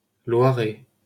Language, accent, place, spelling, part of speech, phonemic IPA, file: French, France, Paris, Loiret, proper noun, /lwa.ʁɛ/, LL-Q150 (fra)-Loiret.wav
- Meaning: 1. Loiret (a department of Centre-Val de Loire, France) 2. Loiret (a left tributary of the Loire in central France, contained completely within the Loiret department)